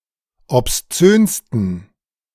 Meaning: 1. superlative degree of obszön 2. inflection of obszön: strong genitive masculine/neuter singular superlative degree
- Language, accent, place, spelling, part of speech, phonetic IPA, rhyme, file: German, Germany, Berlin, obszönsten, adjective, [ɔpsˈt͡søːnstn̩], -øːnstn̩, De-obszönsten.ogg